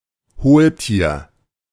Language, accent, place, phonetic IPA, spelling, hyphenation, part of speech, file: German, Germany, Berlin, [ˈhoːlˌtiːɐ̯], Hohltier, Hohl‧tier, noun, De-Hohltier.ogg
- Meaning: coelenterate (any simple aquatic animal formerly considered to belong to the phylum Coelenterata)